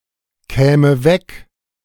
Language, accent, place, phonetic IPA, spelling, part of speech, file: German, Germany, Berlin, [ˌkɛːmə ˈvɛk], käme weg, verb, De-käme weg.ogg
- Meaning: first/third-person singular subjunctive II of wegkommen